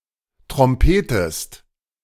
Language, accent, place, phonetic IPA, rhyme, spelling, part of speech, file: German, Germany, Berlin, [tʁɔmˈpeːtəst], -eːtəst, trompetest, verb, De-trompetest.ogg
- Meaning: inflection of trompeten: 1. second-person singular present 2. second-person singular subjunctive I